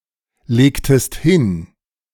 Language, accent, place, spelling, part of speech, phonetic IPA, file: German, Germany, Berlin, legtest hin, verb, [ˌleːktəst ˈhɪn], De-legtest hin.ogg
- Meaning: inflection of hinlegen: 1. second-person singular preterite 2. second-person singular subjunctive II